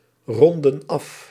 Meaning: inflection of afronden: 1. plural past indicative 2. plural past subjunctive
- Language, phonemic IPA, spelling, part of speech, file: Dutch, /ˈrɔndə(n) ˈɑf/, rondden af, verb, Nl-rondden af.ogg